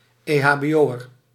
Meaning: someone to perform first aid
- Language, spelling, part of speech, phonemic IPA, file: Dutch, EHBO'er, noun, /eː.ɦaː.beːˈoː.ər/, Nl-EHBO'er.ogg